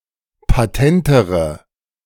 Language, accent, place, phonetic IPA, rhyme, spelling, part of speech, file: German, Germany, Berlin, [paˈtɛntəʁə], -ɛntəʁə, patentere, adjective, De-patentere.ogg
- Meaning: inflection of patent: 1. strong/mixed nominative/accusative feminine singular comparative degree 2. strong nominative/accusative plural comparative degree